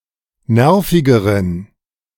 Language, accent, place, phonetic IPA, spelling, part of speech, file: German, Germany, Berlin, [ˈnɛʁfɪɡəʁən], nervigeren, adjective, De-nervigeren.ogg
- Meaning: inflection of nervig: 1. strong genitive masculine/neuter singular comparative degree 2. weak/mixed genitive/dative all-gender singular comparative degree